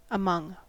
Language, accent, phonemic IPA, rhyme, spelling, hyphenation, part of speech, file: English, General American, /əˈmʌŋ/, -ʌŋ, among, a‧mong, preposition / adverb, En-us-among.ogg
- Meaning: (preposition) Of a person or thing: in the midst of and surrounded by (other people or things)